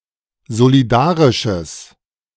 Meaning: strong/mixed nominative/accusative neuter singular of solidarisch
- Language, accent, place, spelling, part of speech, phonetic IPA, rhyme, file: German, Germany, Berlin, solidarisches, adjective, [zoliˈdaːʁɪʃəs], -aːʁɪʃəs, De-solidarisches.ogg